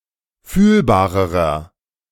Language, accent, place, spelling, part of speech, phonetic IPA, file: German, Germany, Berlin, fühlbarerer, adjective, [ˈfyːlbaːʁəʁɐ], De-fühlbarerer.ogg
- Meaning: inflection of fühlbar: 1. strong/mixed nominative masculine singular comparative degree 2. strong genitive/dative feminine singular comparative degree 3. strong genitive plural comparative degree